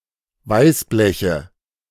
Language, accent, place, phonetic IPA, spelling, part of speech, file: German, Germany, Berlin, [ˈvaɪ̯sˌblɛçə], Weißbleche, noun, De-Weißbleche.ogg
- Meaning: nominative/accusative/genitive plural of Weißblech